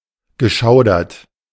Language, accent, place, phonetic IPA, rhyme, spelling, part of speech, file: German, Germany, Berlin, [ɡəˈʃaʊ̯dɐt], -aʊ̯dɐt, geschaudert, verb, De-geschaudert.ogg
- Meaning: past participle of schaudern